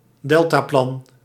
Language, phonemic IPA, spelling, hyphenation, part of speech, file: Dutch, /ˈdɛl.taːˌplɑn/, deltaplan, del‧ta‧plan, noun, Nl-deltaplan.ogg
- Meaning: a high-priority government project aimed at fundamentally addressing a societal risk or problem